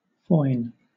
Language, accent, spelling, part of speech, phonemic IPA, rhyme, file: English, Southern England, foin, noun / verb, /fɔɪn/, -ɔɪn, LL-Q1860 (eng)-foin.wav
- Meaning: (noun) A thrust; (verb) 1. To thrust with a sword; to stab at 2. To prick; to sting; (noun) The beech marten (Martes foina, syn. Mustela foina)